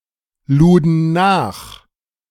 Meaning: first/third-person plural preterite of nachladen
- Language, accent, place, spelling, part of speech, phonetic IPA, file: German, Germany, Berlin, luden nach, verb, [ˌluːdn̩ ˈnaːx], De-luden nach.ogg